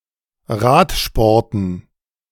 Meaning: dative plural of Radsport
- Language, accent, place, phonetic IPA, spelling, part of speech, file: German, Germany, Berlin, [ˈʁaːtʃpɔʁtn̩], Radsporten, noun, De-Radsporten.ogg